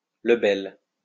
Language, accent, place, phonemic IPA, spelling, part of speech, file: French, France, Lyon, /lə.bɛl/, lebel, noun, LL-Q150 (fra)-lebel.wav
- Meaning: Lebel rifle